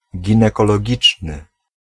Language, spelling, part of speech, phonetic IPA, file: Polish, ginekologiczny, adjective, [ˌɟĩnɛkɔlɔˈɟit͡ʃnɨ], Pl-ginekologiczny.ogg